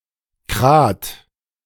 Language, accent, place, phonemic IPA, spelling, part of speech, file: German, Germany, Berlin, /kʁaːt/, Krad, noun, De-Krad.ogg
- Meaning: motorcycle